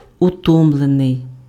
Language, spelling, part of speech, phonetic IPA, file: Ukrainian, утомлений, verb / adjective, [ʊˈtɔmɫenei̯], Uk-утомлений.ogg
- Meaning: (verb) passive adjectival past participle of утоми́ти pf (utomýty); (adjective) tired